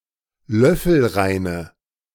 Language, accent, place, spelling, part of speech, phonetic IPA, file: German, Germany, Berlin, löffelreine, adjective, [ˈlœfl̩ˌʁaɪ̯nə], De-löffelreine.ogg
- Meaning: inflection of löffelrein: 1. strong/mixed nominative/accusative feminine singular 2. strong nominative/accusative plural 3. weak nominative all-gender singular